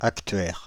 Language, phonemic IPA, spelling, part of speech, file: French, /ak.tɥɛʁ/, actuaire, noun, Fr-actuaire.ogg
- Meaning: actuary (professional who calculates financial values associated with uncertain events subject to risk, such as insurance premiums or pension contributions)